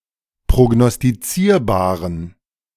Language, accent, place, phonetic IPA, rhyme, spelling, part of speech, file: German, Germany, Berlin, [pʁoɡnɔstiˈt͡siːɐ̯baːʁən], -iːɐ̯baːʁən, prognostizierbaren, adjective, De-prognostizierbaren.ogg
- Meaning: inflection of prognostizierbar: 1. strong genitive masculine/neuter singular 2. weak/mixed genitive/dative all-gender singular 3. strong/weak/mixed accusative masculine singular